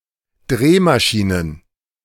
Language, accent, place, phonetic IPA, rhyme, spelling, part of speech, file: German, Germany, Berlin, [ˈdʁeːmaˌʃiːnən], -eːmaʃiːnən, Drehmaschinen, noun, De-Drehmaschinen.ogg
- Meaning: plural of Drehmaschine